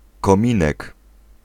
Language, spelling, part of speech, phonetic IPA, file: Polish, kominek, noun, [kɔ̃ˈmʲĩnɛk], Pl-kominek.ogg